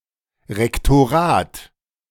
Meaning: rectorate
- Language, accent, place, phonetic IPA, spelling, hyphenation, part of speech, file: German, Germany, Berlin, [ʁɛktoˈʁaːt], Rektorat, Rek‧to‧rat, noun, De-Rektorat.ogg